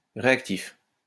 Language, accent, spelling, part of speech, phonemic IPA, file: French, France, réactif, noun / adjective, /ʁe.ak.tif/, LL-Q150 (fra)-réactif.wav
- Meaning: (noun) reagent; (adjective) 1. reactive 2. responsive, quick to respond, who replies fast